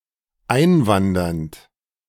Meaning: present participle of einwandern
- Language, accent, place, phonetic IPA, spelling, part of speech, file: German, Germany, Berlin, [ˈaɪ̯nˌvandɐnt], einwandernd, verb, De-einwandernd.ogg